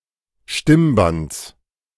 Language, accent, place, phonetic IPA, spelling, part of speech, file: German, Germany, Berlin, [ˈʃtɪmˌbant͡s], Stimmbands, noun, De-Stimmbands.ogg
- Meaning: genitive singular of Stimmband